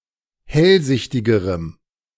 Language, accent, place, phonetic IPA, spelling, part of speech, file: German, Germany, Berlin, [ˈhɛlˌzɪçtɪɡəʁəm], hellsichtigerem, adjective, De-hellsichtigerem.ogg
- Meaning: strong dative masculine/neuter singular comparative degree of hellsichtig